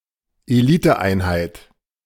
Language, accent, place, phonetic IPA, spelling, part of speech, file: German, Germany, Berlin, [eˈliːtəˌʔaɪ̯nhaɪ̯t], Eliteeinheit, noun, De-Eliteeinheit.ogg
- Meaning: elite unit (e.g. of a military)